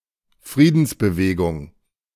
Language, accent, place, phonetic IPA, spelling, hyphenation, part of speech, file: German, Germany, Berlin, [ˈfʁiːdn̩sbəˌveːɡʊŋ], Friedensbewegung, Frie‧dens‧be‧we‧gung, noun, De-Friedensbewegung.ogg
- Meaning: peace movement